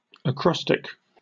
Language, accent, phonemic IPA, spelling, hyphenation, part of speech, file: English, UK, /əˈkɹɒstɪk/, acrostic, acros‧tic, noun / adjective, En-uk-acrostic.oga
- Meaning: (noun) A poem or other text in which certain letters, often the first in each line, spell out a name or message